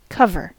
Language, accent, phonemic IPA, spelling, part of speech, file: English, US, /ˈkʌvɚ/, cover, noun / adjective / verb, En-us-cover.ogg
- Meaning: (noun) 1. A lid 2. Area or situation which screens a person or thing from view 3. The front and back of a book, magazine, CD package, etc 4. The top sheet of a bed